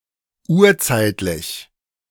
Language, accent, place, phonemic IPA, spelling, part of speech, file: German, Germany, Berlin, /ˈuːɐ̯ˌt͡saɪ̯tlɪç/, urzeitlich, adjective, De-urzeitlich.ogg
- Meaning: primeval